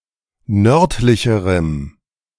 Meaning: strong dative masculine/neuter singular comparative degree of nördlich
- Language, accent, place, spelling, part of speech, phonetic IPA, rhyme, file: German, Germany, Berlin, nördlicherem, adjective, [ˈnœʁtlɪçəʁəm], -œʁtlɪçəʁəm, De-nördlicherem.ogg